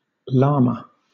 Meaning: 1. A South American mammal of the camel family, Lama glama, used as a domestic beast of burden and a source of wool and meat 2. A firearm, especially a handgun 3. Archaic form of lama
- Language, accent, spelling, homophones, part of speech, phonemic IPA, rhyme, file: English, Southern England, llama, lama, noun, /ˈlɑː.mə/, -ɑːmə, LL-Q1860 (eng)-llama.wav